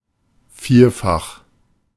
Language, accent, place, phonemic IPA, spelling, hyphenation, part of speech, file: German, Germany, Berlin, /ˈfiːɐ̯fax/, vierfach, vier‧fach, adjective, De-vierfach.ogg
- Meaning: fourfold, quadruple